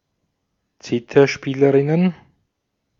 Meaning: plural of Zitherspielerin
- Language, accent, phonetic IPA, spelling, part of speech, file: German, Austria, [ˈt͡sɪtɐˌʃpiːləˌʁɪnən], Zitherspielerinnen, noun, De-at-Zitherspielerinnen.ogg